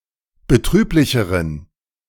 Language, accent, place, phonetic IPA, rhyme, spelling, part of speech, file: German, Germany, Berlin, [bəˈtʁyːplɪçəʁən], -yːplɪçəʁən, betrüblicheren, adjective, De-betrüblicheren.ogg
- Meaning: inflection of betrüblich: 1. strong genitive masculine/neuter singular comparative degree 2. weak/mixed genitive/dative all-gender singular comparative degree